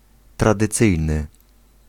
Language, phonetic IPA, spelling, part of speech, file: Polish, [ˌtradɨˈt͡sɨjnɨ], tradycyjny, adjective, Pl-tradycyjny.ogg